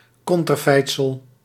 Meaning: 1. portrait, image 2. face
- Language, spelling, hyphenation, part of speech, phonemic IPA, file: Dutch, konterfeitsel, kon‧ter‧feit‧sel, noun, /ˌkɔn.tərˈfɛi̯t.səl/, Nl-konterfeitsel.ogg